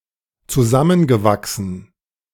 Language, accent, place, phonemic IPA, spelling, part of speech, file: German, Germany, Berlin, /t͡suˈzamənɡəˌvaksən/, zusammengewachsen, verb / adjective, De-zusammengewachsen.ogg
- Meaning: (verb) past participle of zusammenwachsen; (adjective) 1. intergrown 2. close-knit